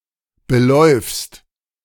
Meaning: second-person singular present of belaufen
- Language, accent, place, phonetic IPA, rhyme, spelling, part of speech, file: German, Germany, Berlin, [bəˈlɔɪ̯fst], -ɔɪ̯fst, beläufst, verb, De-beläufst.ogg